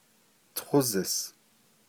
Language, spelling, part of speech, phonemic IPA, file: Navajo, tózis, noun, /tʰózɪ̀s/, Nv-tózis.ogg
- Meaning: 1. bottle, glass jar 2. glass tumbler